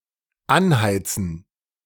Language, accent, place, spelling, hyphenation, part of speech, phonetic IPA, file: German, Germany, Berlin, anheizen, an‧hei‧zen, verb, [ˈanˌhaɪ̯t͡sən], De-anheizen.ogg
- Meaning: 1. to heat, to fire, to light 2. to boost, to fuel, to kindle